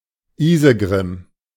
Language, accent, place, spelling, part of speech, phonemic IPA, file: German, Germany, Berlin, Isegrim, proper noun, /ˈiːzəɡʁɪm/, De-Isegrim.ogg
- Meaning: Isengrin, poetic name of the wolf in a fable